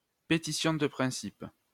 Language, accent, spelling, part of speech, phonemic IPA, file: French, France, pétition de principe, noun, /pe.ti.sjɔ̃ də pʁɛ̃.sip/, LL-Q150 (fra)-pétition de principe.wav
- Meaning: petitio principii, an instance of begging the question